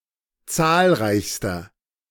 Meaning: inflection of zahlreich: 1. strong/mixed nominative masculine singular superlative degree 2. strong genitive/dative feminine singular superlative degree 3. strong genitive plural superlative degree
- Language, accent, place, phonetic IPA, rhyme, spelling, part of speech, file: German, Germany, Berlin, [ˈt͡saːlˌʁaɪ̯çstɐ], -aːlʁaɪ̯çstɐ, zahlreichster, adjective, De-zahlreichster.ogg